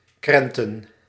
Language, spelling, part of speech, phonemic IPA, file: Dutch, krenten, verb / noun, /ˈkrɛntə(n)/, Nl-krenten.ogg
- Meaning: plural of krent